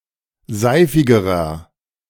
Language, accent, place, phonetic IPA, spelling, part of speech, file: German, Germany, Berlin, [ˈzaɪ̯fɪɡəʁɐ], seifigerer, adjective, De-seifigerer.ogg
- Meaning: inflection of seifig: 1. strong/mixed nominative masculine singular comparative degree 2. strong genitive/dative feminine singular comparative degree 3. strong genitive plural comparative degree